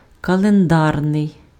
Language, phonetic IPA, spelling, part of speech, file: Ukrainian, [kɐɫenˈdarnei̯], календарний, adjective, Uk-календарний.ogg
- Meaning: calendar (attributive), calendric, calendrical